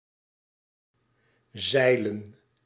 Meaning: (verb) to sail (to ride in a sailboat); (noun) plural of zeil
- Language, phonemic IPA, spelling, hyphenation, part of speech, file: Dutch, /ˈzɛi̯.lə(n)/, zeilen, zei‧len, verb / noun, Nl-zeilen.ogg